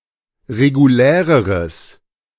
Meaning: strong/mixed nominative/accusative neuter singular comparative degree of regulär
- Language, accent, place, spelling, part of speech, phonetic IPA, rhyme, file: German, Germany, Berlin, reguläreres, adjective, [ʁeɡuˈlɛːʁəʁəs], -ɛːʁəʁəs, De-reguläreres.ogg